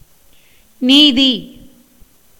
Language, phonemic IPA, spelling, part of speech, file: Tamil, /niːd̪iː/, நீதி, noun, Ta-நீதி.ogg
- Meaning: 1. equity, justice 2. discipline